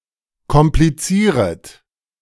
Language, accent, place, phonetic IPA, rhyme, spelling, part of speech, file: German, Germany, Berlin, [kɔmpliˈt͡siːʁət], -iːʁət, komplizieret, verb, De-komplizieret.ogg
- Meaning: second-person plural subjunctive I of komplizieren